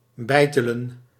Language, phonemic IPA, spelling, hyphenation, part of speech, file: Dutch, /ˈbɛi̯.tə.lə(n)/, beitelen, bei‧te‧len, verb, Nl-beitelen.ogg
- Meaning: to chisel